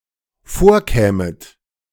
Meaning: second-person plural dependent subjunctive II of vorkommen
- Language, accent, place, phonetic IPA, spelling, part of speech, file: German, Germany, Berlin, [ˈfoːɐ̯ˌkɛːmət], vorkämet, verb, De-vorkämet.ogg